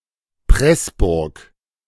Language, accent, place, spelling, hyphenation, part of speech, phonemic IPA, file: German, Germany, Berlin, Pressburg, Press‧burg, proper noun, /ˈpʁɛsbʊʁk/, De-Pressburg.ogg
- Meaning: Pressburg (former name of Bratislava: the capital city of Slovakia)